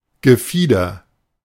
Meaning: plumage
- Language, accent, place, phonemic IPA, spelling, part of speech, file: German, Germany, Berlin, /ɡəˈfiːdɐ/, Gefieder, noun, De-Gefieder.ogg